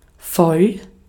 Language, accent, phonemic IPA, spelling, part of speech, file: German, Austria, /fɔl/, voll, adjective / adverb, De-at-voll.ogg
- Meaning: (adjective) 1. full; filled 2. full (not hungry anymore) 3. drunk; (adverb) 1. fully 2. very; quite; really